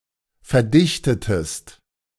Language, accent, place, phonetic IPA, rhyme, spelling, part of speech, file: German, Germany, Berlin, [fɛɐ̯ˈdɪçtətəst], -ɪçtətəst, verdichtetest, verb, De-verdichtetest.ogg
- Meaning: inflection of verdichten: 1. second-person singular preterite 2. second-person singular subjunctive II